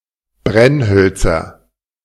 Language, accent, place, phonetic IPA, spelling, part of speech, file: German, Germany, Berlin, [ˈbʁɛnˌhœlt͡sɐ], Brennhölzer, noun, De-Brennhölzer.ogg
- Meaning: nominative/accusative/genitive plural of Brennholz